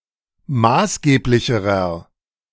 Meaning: inflection of maßgeblich: 1. strong/mixed nominative masculine singular comparative degree 2. strong genitive/dative feminine singular comparative degree 3. strong genitive plural comparative degree
- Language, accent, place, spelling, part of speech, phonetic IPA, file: German, Germany, Berlin, maßgeblicherer, adjective, [ˈmaːsˌɡeːplɪçəʁɐ], De-maßgeblicherer.ogg